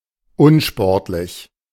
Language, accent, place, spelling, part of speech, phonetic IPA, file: German, Germany, Berlin, unsportlich, adjective, [ˈʊnˌʃpɔʁtlɪç], De-unsportlich.ogg
- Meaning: 1. unathletic, unfit, not good at sports 2. unsportsmanlike